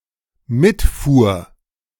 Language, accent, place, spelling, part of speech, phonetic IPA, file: German, Germany, Berlin, mitfuhr, verb, [ˈmɪtˌfuːɐ̯], De-mitfuhr.ogg
- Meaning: first/third-person singular dependent preterite of mitfahren